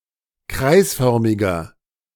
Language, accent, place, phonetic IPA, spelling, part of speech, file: German, Germany, Berlin, [ˈkʁaɪ̯sˌfœʁmɪɡɐ], kreisförmiger, adjective, De-kreisförmiger.ogg
- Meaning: inflection of kreisförmig: 1. strong/mixed nominative masculine singular 2. strong genitive/dative feminine singular 3. strong genitive plural